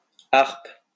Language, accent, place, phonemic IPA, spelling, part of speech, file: French, France, Lyon, /aʁp/, harpe, noun / verb, LL-Q150 (fra)-harpe.wav
- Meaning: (noun) 1. A triangular musical instrument played by plucking strings with the fingers; a harp 2. Any member of the sea snail mollusc family Harpidae; a harp snail